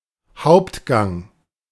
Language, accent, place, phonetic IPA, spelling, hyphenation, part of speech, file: German, Germany, Berlin, [ˈhaʊ̯ptˌɡaŋ], Hauptgang, Haupt‧gang, noun, De-Hauptgang.ogg
- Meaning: main course